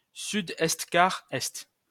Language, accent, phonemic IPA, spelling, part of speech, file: French, France, /sy.dɛst.ka.ʁɛst/, sud-est-quart-est, noun, LL-Q150 (fra)-sud-est-quart-est.wav
- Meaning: southeast by east (compass point)